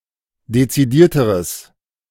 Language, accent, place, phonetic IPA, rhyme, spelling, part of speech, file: German, Germany, Berlin, [det͡siˈdiːɐ̯təʁəs], -iːɐ̯təʁəs, dezidierteres, adjective, De-dezidierteres.ogg
- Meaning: strong/mixed nominative/accusative neuter singular comparative degree of dezidiert